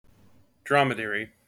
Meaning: 1. The single-humped camel (Camelus dromedarius) 2. Any swift riding camel
- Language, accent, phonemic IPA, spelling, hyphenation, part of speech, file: English, General American, /ˈdɹɑməˌdɛɹi/, dromedary, drom‧e‧da‧ry, noun, En-us-dromedary.mp3